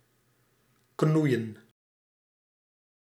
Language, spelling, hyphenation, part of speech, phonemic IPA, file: Dutch, knoeien, knoe‧ien, verb, /ˈknui̯ə(n)/, Nl-knoeien.ogg
- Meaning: 1. to create a mess 2. to mess around 3. to defraud